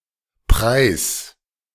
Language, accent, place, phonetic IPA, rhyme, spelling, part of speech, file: German, Germany, Berlin, [pʁaɪ̯s], -aɪ̯s, preis, verb, De-preis.ogg
- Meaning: singular imperative of preisen